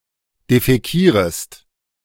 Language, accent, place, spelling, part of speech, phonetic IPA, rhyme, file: German, Germany, Berlin, defäkierest, verb, [defɛˈkiːʁəst], -iːʁəst, De-defäkierest.ogg
- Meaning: second-person singular subjunctive I of defäkieren